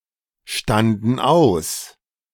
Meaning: first/third-person plural preterite of ausstehen
- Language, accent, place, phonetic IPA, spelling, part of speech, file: German, Germany, Berlin, [ˌʃtandn̩ ˈaʊ̯s], standen aus, verb, De-standen aus.ogg